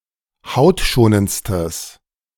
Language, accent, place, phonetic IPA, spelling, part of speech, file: German, Germany, Berlin, [ˈhaʊ̯tˌʃoːnənt͡stəs], hautschonendstes, adjective, De-hautschonendstes.ogg
- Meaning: strong/mixed nominative/accusative neuter singular superlative degree of hautschonend